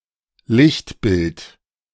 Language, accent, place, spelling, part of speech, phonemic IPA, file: German, Germany, Berlin, Lichtbild, noun, /ˈlɪçtˌbɪlt/, De-Lichtbild.ogg
- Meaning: 1. photo, photograph 2. passport photo